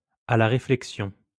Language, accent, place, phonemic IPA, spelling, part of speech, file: French, France, Lyon, /a la ʁe.flɛk.sjɔ̃/, à la réflexion, adverb, LL-Q150 (fra)-à la réflexion.wav
- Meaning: on second thought, on reflection